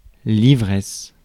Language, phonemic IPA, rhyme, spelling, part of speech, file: French, /i.vʁɛs/, -ɛs, ivresse, noun, Fr-ivresse.ogg
- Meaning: 1. drunkenness (the state of being intoxicated by having consumed alcoholic beverages) 2. euphoria